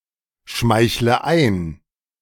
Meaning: inflection of einschmeicheln: 1. first-person singular present 2. first/third-person singular subjunctive I 3. singular imperative
- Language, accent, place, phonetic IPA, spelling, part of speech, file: German, Germany, Berlin, [ˌʃmaɪ̯çlə ˈaɪ̯n], schmeichle ein, verb, De-schmeichle ein.ogg